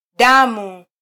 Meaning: 1. blood 2. menstruation
- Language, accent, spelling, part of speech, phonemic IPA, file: Swahili, Kenya, damu, noun, /ˈɗɑ.mu/, Sw-ke-damu.flac